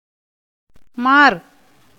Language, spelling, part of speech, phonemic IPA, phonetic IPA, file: Tamil, மார், noun, /mɑːɾ/, [mäːɾ], Ta-மார்.ogg
- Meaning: chest, breast